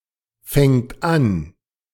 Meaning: third-person singular present of anfangen
- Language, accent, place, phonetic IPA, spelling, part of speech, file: German, Germany, Berlin, [ˌfɛŋt ˈan], fängt an, verb, De-fängt an.ogg